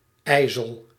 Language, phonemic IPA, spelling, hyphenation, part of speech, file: Dutch, /ˈɛi̯.zəl/, ijzel, ij‧zel, noun, Nl-ijzel.ogg
- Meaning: 1. black ice (thin film of ice) 2. freezing rain